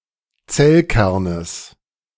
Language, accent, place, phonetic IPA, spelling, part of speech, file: German, Germany, Berlin, [ˈt͡sɛlˌkɛʁnəs], Zellkernes, noun, De-Zellkernes.ogg
- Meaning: genitive of Zellkern